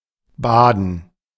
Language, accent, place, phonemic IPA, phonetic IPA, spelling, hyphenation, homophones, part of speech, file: German, Germany, Berlin, /ˈbaːdən/, [ˈbaːdn̩], Baden, Ba‧den, baden, proper noun / noun, De-Baden.ogg
- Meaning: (proper noun) Baden (various places with multiple hot springs, named using a former plural form of Bad (“bath”)): 1. a municipality of Lower Austria, Austria 2. a spa town in Switzerland